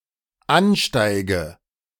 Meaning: inflection of ansteigen: 1. first-person singular dependent present 2. first/third-person singular dependent subjunctive I
- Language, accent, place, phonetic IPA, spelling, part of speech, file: German, Germany, Berlin, [ˈanˌʃtaɪ̯ɡə], ansteige, verb, De-ansteige.ogg